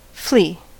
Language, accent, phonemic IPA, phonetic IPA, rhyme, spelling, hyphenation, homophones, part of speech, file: English, US, /ˈfliː/, [ˈflɪi̯], -iː, flea, flea, flee, noun / verb, En-us-flea.ogg
- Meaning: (noun) 1. A small, wingless, parasitic insect of the order Siphonaptera, renowned for its bloodsucking habits and jumping abilities 2. A thing of no significance